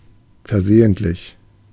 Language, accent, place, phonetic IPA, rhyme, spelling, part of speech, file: German, Germany, Berlin, [fɛɐ̯ˈzeːəntlɪç], -eːəntlɪç, versehentlich, adjective, De-versehentlich.ogg
- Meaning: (adjective) due to a mistake, mistaken, accidental, unintentional; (adverb) by mistake